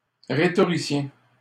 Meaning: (noun) 1. rhetorician 2. final year student, high school senior
- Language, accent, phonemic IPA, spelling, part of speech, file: French, Canada, /ʁe.tɔ.ʁi.sjɛ̃/, rhétoricien, noun / adjective, LL-Q150 (fra)-rhétoricien.wav